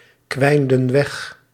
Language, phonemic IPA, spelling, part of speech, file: Dutch, /ˈkwɛində(n) ˈwɛx/, kwijnden weg, verb, Nl-kwijnden weg.ogg
- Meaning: inflection of wegkwijnen: 1. plural past indicative 2. plural past subjunctive